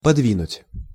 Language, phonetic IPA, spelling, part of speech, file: Russian, [pɐdˈvʲinʊtʲ], подвинуть, verb, Ru-подвинуть.ogg
- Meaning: to move a little